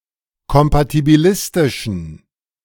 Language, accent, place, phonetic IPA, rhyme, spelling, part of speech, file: German, Germany, Berlin, [kɔmpatibiˈlɪstɪʃn̩], -ɪstɪʃn̩, kompatibilistischen, adjective, De-kompatibilistischen.ogg
- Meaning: inflection of kompatibilistisch: 1. strong genitive masculine/neuter singular 2. weak/mixed genitive/dative all-gender singular 3. strong/weak/mixed accusative masculine singular